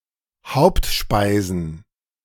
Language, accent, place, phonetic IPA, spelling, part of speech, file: German, Germany, Berlin, [ˈhaʊ̯ptˌʃpaɪ̯zn̩], Hauptspeisen, noun, De-Hauptspeisen.ogg
- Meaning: plural of Hauptspeise